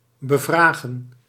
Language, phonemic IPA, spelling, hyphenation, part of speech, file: Dutch, /bəˈvraː.ɣə(n)/, bevragen, be‧vra‧gen, verb, Nl-bevragen.ogg
- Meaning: to ask questions of, to direct questions at, to interrogate